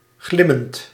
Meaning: present participle of glimmen
- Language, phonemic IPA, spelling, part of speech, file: Dutch, /ˈɣlɪmənt/, glimmend, adjective / verb, Nl-glimmend.ogg